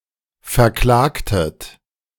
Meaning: inflection of verklagen: 1. second-person plural preterite 2. second-person plural subjunctive II
- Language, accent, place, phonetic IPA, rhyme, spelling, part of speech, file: German, Germany, Berlin, [fɛɐ̯ˈklaːktət], -aːktət, verklagtet, verb, De-verklagtet.ogg